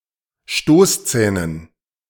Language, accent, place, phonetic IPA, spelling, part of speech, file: German, Germany, Berlin, [ˈʃtoːsˌt͡sɛːnən], Stoßzähnen, noun, De-Stoßzähnen.ogg
- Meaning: dative plural of Stoßzahn